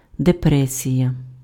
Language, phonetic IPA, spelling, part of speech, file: Ukrainian, [deˈprɛsʲijɐ], депресія, noun, Uk-депресія.ogg
- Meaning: depression